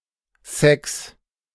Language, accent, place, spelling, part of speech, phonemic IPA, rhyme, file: German, Germany, Berlin, Sex, noun, /sɛks/, -ɛks, De-Sex.ogg
- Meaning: 1. sex (sexual intercourse) 2. sexuality 3. sex appeal